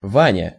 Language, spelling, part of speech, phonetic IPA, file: Russian, Ваня, proper noun, [ˈvanʲə], Ru-Ваня.ogg
- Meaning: a diminutive, Vanya, of the male given names Ива́н (Iván) and Іва́н (Iván), equivalent to English Johnny or Jack